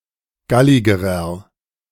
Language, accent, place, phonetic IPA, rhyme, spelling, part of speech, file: German, Germany, Berlin, [ˈɡalɪɡəʁɐ], -alɪɡəʁɐ, galligerer, adjective, De-galligerer.ogg
- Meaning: inflection of gallig: 1. strong/mixed nominative masculine singular comparative degree 2. strong genitive/dative feminine singular comparative degree 3. strong genitive plural comparative degree